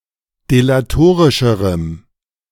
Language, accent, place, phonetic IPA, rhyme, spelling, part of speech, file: German, Germany, Berlin, [delaˈtoːʁɪʃəʁəm], -oːʁɪʃəʁəm, delatorischerem, adjective, De-delatorischerem.ogg
- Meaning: strong dative masculine/neuter singular comparative degree of delatorisch